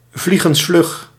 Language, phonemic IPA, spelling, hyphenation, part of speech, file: Dutch, /ˈvliɣə(n)sˌflʏx/, vliegensvlug, vlie‧gens‧vlug, adjective, Nl-vliegensvlug.ogg
- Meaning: in no time (very quickly)